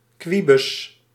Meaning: a fool, an oddball, a weirdo
- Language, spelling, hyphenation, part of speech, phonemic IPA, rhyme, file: Dutch, kwibus, kwi‧bus, noun, /ˈkʋi.bʏs/, -ibʏs, Nl-kwibus.ogg